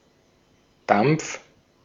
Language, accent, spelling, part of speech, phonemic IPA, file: German, Austria, Dampf, noun, /dam(p)f/, De-at-Dampf.ogg
- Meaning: 1. steam 2. vapor / vapour